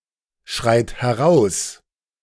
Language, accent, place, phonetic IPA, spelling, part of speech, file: German, Germany, Berlin, [ˌʃʁaɪ̯t hɛˈʁaʊ̯s], schreit heraus, verb, De-schreit heraus.ogg
- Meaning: inflection of herausschreien: 1. third-person singular present 2. second-person plural present 3. plural imperative